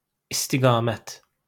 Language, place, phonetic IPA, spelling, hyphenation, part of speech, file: Azerbaijani, Baku, [istiɡɑ(ː)ˈmæt], istiqamət, is‧ti‧qa‧mət, noun, LL-Q9292 (aze)-istiqamət.wav
- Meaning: 1. direction 2. trajectory 3. current, tendency, trend 4. operational direction 5. course, vector